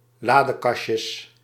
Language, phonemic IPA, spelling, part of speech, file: Dutch, /ˈladəˌkɑʃəs/, ladekastjes, noun, Nl-ladekastjes.ogg
- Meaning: plural of ladekastje